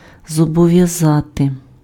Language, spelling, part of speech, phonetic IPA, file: Ukrainian, зобов'язати, verb, [zɔbɔʋjɐˈzate], Uk-зобов'язати.ogg
- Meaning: to oblige, to bind